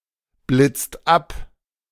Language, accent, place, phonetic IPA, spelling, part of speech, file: German, Germany, Berlin, [ˌblɪt͡st ˈap], blitzt ab, verb, De-blitzt ab.ogg
- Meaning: inflection of abblitzen: 1. second-person singular/plural present 2. third-person singular present 3. plural imperative